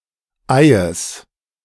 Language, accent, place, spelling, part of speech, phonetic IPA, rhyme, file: German, Germany, Berlin, Eies, noun, [aɪ̯əs], -aɪ̯əs, De-Eies.ogg
- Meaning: genitive singular of Ei